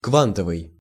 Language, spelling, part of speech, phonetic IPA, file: Russian, квантовый, adjective, [ˈkvantəvɨj], Ru-квантовый.ogg
- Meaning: quantum